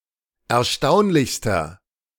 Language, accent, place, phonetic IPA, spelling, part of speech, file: German, Germany, Berlin, [ɛɐ̯ˈʃtaʊ̯nlɪçstɐ], erstaunlichster, adjective, De-erstaunlichster.ogg
- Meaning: inflection of erstaunlich: 1. strong/mixed nominative masculine singular superlative degree 2. strong genitive/dative feminine singular superlative degree 3. strong genitive plural superlative degree